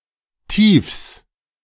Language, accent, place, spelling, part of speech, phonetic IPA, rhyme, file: German, Germany, Berlin, Tiefs, noun, [tiːfs], -iːfs, De-Tiefs.ogg
- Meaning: 1. genitive singular of Tief 2. plural of Tief